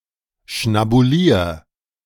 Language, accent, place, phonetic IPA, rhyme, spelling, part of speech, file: German, Germany, Berlin, [ʃnabuˈliːɐ̯], -iːɐ̯, schnabulier, verb, De-schnabulier.ogg
- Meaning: 1. singular imperative of schnabulieren 2. first-person singular present of schnabulieren